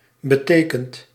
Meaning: past participle of betekenen
- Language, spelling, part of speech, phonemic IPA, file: Dutch, betekend, verb, /bə.ˈteː.kənt/, Nl-betekend.ogg